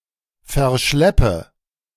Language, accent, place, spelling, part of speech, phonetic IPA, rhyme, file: German, Germany, Berlin, verschleppe, verb, [fɛɐ̯ˈʃlɛpə], -ɛpə, De-verschleppe.ogg
- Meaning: inflection of verschleppen: 1. first-person singular present 2. singular imperative 3. first/third-person singular subjunctive I